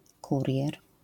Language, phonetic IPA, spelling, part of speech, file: Polish, [ˈkurʲjɛr], kurier, noun, LL-Q809 (pol)-kurier.wav